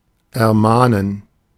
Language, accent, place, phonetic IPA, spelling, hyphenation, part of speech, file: German, Germany, Berlin, [ɛɐ̯ˈmaːnən], ermahnen, er‧mah‧nen, verb, De-ermahnen.ogg
- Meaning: 1. to caution, admonish, warn 2. to give a verbal warning to 3. to urge, exhort